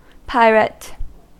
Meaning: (noun) 1. A criminal who plunders at sea; commonly attacking merchant vessels, though often pillaging port towns 2. An armed ship or vessel that sails for the purpose of plundering other vessels
- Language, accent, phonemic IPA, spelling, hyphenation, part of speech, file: English, General American, /ˈpaɪɹət/, pirate, pir‧ate, noun / verb / adjective, En-us-pirate.ogg